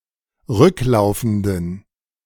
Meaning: inflection of rücklaufend: 1. strong genitive masculine/neuter singular 2. weak/mixed genitive/dative all-gender singular 3. strong/weak/mixed accusative masculine singular 4. strong dative plural
- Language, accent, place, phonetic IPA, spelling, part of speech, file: German, Germany, Berlin, [ˈʁʏkˌlaʊ̯fn̩dən], rücklaufenden, adjective, De-rücklaufenden.ogg